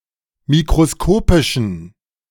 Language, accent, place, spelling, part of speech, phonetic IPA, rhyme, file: German, Germany, Berlin, mikroskopischen, adjective, [mikʁoˈskoːpɪʃn̩], -oːpɪʃn̩, De-mikroskopischen.ogg
- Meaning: inflection of mikroskopisch: 1. strong genitive masculine/neuter singular 2. weak/mixed genitive/dative all-gender singular 3. strong/weak/mixed accusative masculine singular 4. strong dative plural